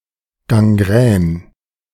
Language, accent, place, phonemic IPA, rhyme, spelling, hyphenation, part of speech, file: German, Germany, Berlin, /ɡaŋˈɡʁɛːn/, -ɛːn, Gangrän, Gan‧grän, noun, De-Gangrän.ogg
- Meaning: gangrene (the necrosis or rotting of flesh)